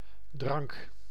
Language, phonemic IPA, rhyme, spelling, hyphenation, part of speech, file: Dutch, /drɑŋk/, -ɑŋk, drank, drank, noun, Nl-drank.ogg
- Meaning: 1. beverage, drink 2. alcoholic drinks, taken collectively